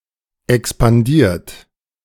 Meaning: 1. past participle of expandieren 2. inflection of expandieren: second-person plural present 3. inflection of expandieren: third-person singular present 4. inflection of expandieren: plural imperative
- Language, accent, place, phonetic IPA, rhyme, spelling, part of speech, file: German, Germany, Berlin, [ɛkspanˈdiːɐ̯t], -iːɐ̯t, expandiert, verb, De-expandiert.ogg